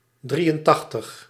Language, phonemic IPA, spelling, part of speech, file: Dutch, /ˈdri.ənˌtɑx.təx/, drieëntachtig, numeral, Nl-drieëntachtig.ogg
- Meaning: eighty-three